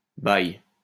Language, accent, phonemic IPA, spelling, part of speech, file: French, France, /baj/, baille, noun, LL-Q150 (fra)-baille.wav
- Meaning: 1. tub 2. water